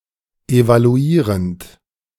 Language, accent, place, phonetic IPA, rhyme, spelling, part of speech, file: German, Germany, Berlin, [evaluˈiːʁənt], -iːʁənt, evaluierend, verb, De-evaluierend.ogg
- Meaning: present participle of evaluieren